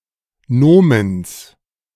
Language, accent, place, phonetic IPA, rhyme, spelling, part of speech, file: German, Germany, Berlin, [ˈnoːməns], -oːməns, Nomens, noun, De-Nomens.ogg
- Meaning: genitive singular of Nomen